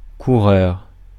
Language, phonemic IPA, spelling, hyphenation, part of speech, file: French, /ku.ʁœʁ/, coureur, cou‧reur, noun, Fr-coureur.ogg
- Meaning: 1. runner 2. racer 3. rider